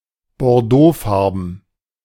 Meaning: Bordeaux-coloured, claret
- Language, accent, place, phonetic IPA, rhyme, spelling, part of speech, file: German, Germany, Berlin, [bɔʁˈdoːˌfaʁbn̩], -oːfaʁbn̩, bordeauxfarben, adjective, De-bordeauxfarben.ogg